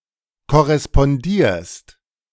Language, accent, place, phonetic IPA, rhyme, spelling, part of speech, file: German, Germany, Berlin, [kɔʁɛspɔnˈdiːɐ̯st], -iːɐ̯st, korrespondierst, verb, De-korrespondierst.ogg
- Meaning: second-person singular present of korrespondieren